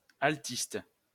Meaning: 1. violist (person who plays the viola) 2. alto saxophonist (person who plays the alto saxophone)
- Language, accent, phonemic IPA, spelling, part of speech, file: French, France, /al.tist/, altiste, noun, LL-Q150 (fra)-altiste.wav